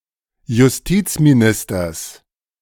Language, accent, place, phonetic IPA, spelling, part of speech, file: German, Germany, Berlin, [jʊsˈtiːt͡smiˌnɪstɐs], Justizministers, noun, De-Justizministers.ogg
- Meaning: genitive singular of Justizminister